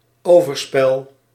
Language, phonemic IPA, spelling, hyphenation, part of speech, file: Dutch, /ˈoː.vərˌspɛl/, overspel, over‧spel, noun, Nl-overspel.ogg
- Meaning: adultery